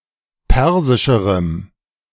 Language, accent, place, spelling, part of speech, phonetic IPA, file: German, Germany, Berlin, persischerem, adjective, [ˈpɛʁzɪʃəʁəm], De-persischerem.ogg
- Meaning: strong dative masculine/neuter singular comparative degree of persisch